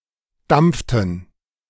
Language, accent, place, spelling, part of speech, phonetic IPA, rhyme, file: German, Germany, Berlin, dampften, verb, [ˈdamp͡ftn̩], -amp͡ftn̩, De-dampften.ogg
- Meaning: inflection of dampfen: 1. first/third-person plural preterite 2. first/third-person plural subjunctive II